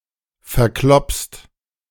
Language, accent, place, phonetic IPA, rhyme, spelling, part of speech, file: German, Germany, Berlin, [fɛɐ̯ˈklɔpst], -ɔpst, verkloppst, verb, De-verkloppst.ogg
- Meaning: second-person singular present of verkloppen